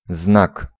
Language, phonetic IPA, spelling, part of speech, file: Polish, [znak], znak, noun, Pl-znak.ogg